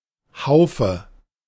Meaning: alternative form of Haufen
- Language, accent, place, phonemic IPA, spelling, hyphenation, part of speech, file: German, Germany, Berlin, /ˈhaʊ̯fə/, Haufe, Hau‧fe, noun, De-Haufe.ogg